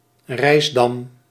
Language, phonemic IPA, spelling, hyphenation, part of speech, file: Dutch, /ˈrɛi̯s.dɑm/, rijsdam, rijs‧dam, noun, Nl-rijsdam.ogg
- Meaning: a dam constructed from narrow branches, in particular of willow wood, used to protect banks and shores from erosion